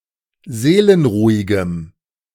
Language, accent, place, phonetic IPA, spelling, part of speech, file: German, Germany, Berlin, [ˈzeːlənˌʁuːɪɡəm], seelenruhigem, adjective, De-seelenruhigem.ogg
- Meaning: strong dative masculine/neuter singular of seelenruhig